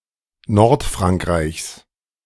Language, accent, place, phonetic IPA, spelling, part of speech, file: German, Germany, Berlin, [ˈnɔʁtfʁaŋkˌʁaɪ̯çs], Nordfrankreichs, noun, De-Nordfrankreichs.ogg
- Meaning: genitive singular of Nordfrankreich